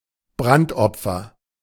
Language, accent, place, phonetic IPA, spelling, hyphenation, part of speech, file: German, Germany, Berlin, [ˈbʁantˌʔɔp͡fɐ], Brandopfer, Brand‧op‧fer, noun, De-Brandopfer.ogg
- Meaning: 1. victim of a fire 2. burnt offering